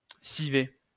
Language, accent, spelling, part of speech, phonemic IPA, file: French, France, civet, noun, /si.vɛ/, LL-Q150 (fra)-civet.wav
- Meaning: ragout (“stew”) of hare, rabbit or wild mammal, with red wine and onions, bound with the animal’s blood